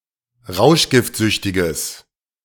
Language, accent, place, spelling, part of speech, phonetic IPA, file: German, Germany, Berlin, rauschgiftsüchtiges, adjective, [ˈʁaʊ̯ʃɡɪftˌzʏçtɪɡəs], De-rauschgiftsüchtiges.ogg
- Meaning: strong/mixed nominative/accusative neuter singular of rauschgiftsüchtig